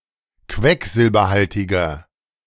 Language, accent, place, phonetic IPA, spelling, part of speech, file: German, Germany, Berlin, [ˈkvɛkzɪlbɐˌhaltɪɡɐ], quecksilberhaltiger, adjective, De-quecksilberhaltiger.ogg
- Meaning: inflection of quecksilberhaltig: 1. strong/mixed nominative masculine singular 2. strong genitive/dative feminine singular 3. strong genitive plural